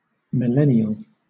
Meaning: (adjective) 1. Thousand-year-old; also (by extension, loosely) thousands of years old 2. Occurring every thousand years 3. Occurring at, or relating to, the beginning or end of a millennium
- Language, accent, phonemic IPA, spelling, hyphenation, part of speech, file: English, Southern England, /mɪˈlɛn.ɪ.əl/, millennial, mil‧len‧ni‧al, adjective / noun, LL-Q1860 (eng)-millennial.wav